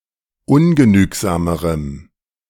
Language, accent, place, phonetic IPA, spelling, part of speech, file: German, Germany, Berlin, [ˈʊnɡəˌnyːkzaːməʁəm], ungenügsamerem, adjective, De-ungenügsamerem.ogg
- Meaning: strong dative masculine/neuter singular comparative degree of ungenügsam